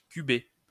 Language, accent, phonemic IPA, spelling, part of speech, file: French, France, /ky.be/, cuber, verb, LL-Q150 (fra)-cuber.wav
- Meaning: to cube (a number) (raise to the power of 3)